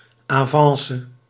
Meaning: 1. overture, approach, advance (act of accosting) 2. progress 3. stock appreciation 4. profit 5. advantage, benefit
- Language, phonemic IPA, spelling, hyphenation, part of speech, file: Dutch, /aːˈvɑn.sə/, avance, avan‧ce, noun, Nl-avance.ogg